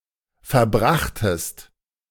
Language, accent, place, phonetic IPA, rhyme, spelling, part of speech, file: German, Germany, Berlin, [fɛɐ̯ˈbʁaxtəst], -axtəst, verbrachtest, verb, De-verbrachtest.ogg
- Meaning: second-person singular preterite of verbringen